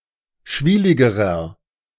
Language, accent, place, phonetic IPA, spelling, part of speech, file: German, Germany, Berlin, [ˈʃviːlɪɡəʁɐ], schwieligerer, adjective, De-schwieligerer.ogg
- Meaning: inflection of schwielig: 1. strong/mixed nominative masculine singular comparative degree 2. strong genitive/dative feminine singular comparative degree 3. strong genitive plural comparative degree